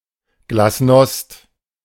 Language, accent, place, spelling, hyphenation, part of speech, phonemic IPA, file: German, Germany, Berlin, Glasnost, Glas‧nost, noun, /ɡlasˈnɔst/, De-Glasnost.ogg
- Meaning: glasnost